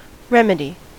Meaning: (noun) 1. Something that corrects or counteracts 2. The legal means to recover a right or to prevent or obtain redress for a wrong
- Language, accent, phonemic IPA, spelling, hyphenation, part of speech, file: English, US, /ˈɹɛmədi/, remedy, rem‧e‧dy, noun / verb, En-us-remedy.ogg